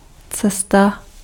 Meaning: 1. road 2. journey 3. path (graph theory)
- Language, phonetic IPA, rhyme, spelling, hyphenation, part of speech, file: Czech, [ˈt͡sɛsta], -ɛsta, cesta, ce‧s‧ta, noun, Cs-cesta.ogg